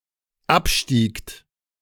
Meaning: second-person plural dependent preterite of absteigen
- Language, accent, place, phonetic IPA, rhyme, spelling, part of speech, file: German, Germany, Berlin, [ˈapˌʃtiːkt], -apʃtiːkt, abstiegt, verb, De-abstiegt.ogg